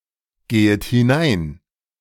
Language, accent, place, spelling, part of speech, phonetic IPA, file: German, Germany, Berlin, gehet hinein, verb, [ˌɡeːət hɪˈnaɪ̯n], De-gehet hinein.ogg
- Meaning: second-person plural subjunctive I of hineingehen